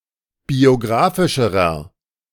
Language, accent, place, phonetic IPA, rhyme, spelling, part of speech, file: German, Germany, Berlin, [bioˈɡʁaːfɪʃəʁɐ], -aːfɪʃəʁɐ, biografischerer, adjective, De-biografischerer.ogg
- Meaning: inflection of biografisch: 1. strong/mixed nominative masculine singular comparative degree 2. strong genitive/dative feminine singular comparative degree 3. strong genitive plural comparative degree